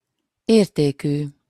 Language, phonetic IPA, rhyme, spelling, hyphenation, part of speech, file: Hungarian, [ˈeːrteːkyː], -kyː, értékű, ér‧té‧kű, adjective, Hu-értékű.opus
- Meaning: of … value, having a value of, worth of